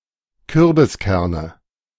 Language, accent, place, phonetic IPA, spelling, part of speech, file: German, Germany, Berlin, [ˈkʏʁbɪsˌkɛʁnə], Kürbiskerne, noun, De-Kürbiskerne.ogg
- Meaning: nominative/accusative/genitive plural of Kürbiskern